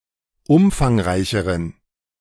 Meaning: inflection of umfangreich: 1. strong genitive masculine/neuter singular comparative degree 2. weak/mixed genitive/dative all-gender singular comparative degree
- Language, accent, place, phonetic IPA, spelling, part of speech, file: German, Germany, Berlin, [ˈʊmfaŋˌʁaɪ̯çəʁən], umfangreicheren, adjective, De-umfangreicheren.ogg